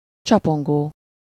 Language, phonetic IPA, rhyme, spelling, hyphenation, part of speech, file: Hungarian, [ˈt͡ʃɒpoŋɡoː], -ɡoː, csapongó, csa‧pon‧gó, verb / adjective, Hu-csapongó.ogg
- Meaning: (verb) present participle of csapong; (adjective) digressive